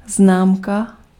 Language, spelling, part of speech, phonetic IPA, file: Czech, známka, noun, [ˈznaːmka], Cs-známka.ogg
- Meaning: 1. stamp, postage stamp 2. grade, mark (rating in education)